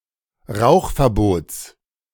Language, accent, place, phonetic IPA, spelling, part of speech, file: German, Germany, Berlin, [ˈʁaʊ̯xfɛɐ̯ˌboːt͡s], Rauchverbots, noun, De-Rauchverbots.ogg
- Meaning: genitive singular of Rauchverbot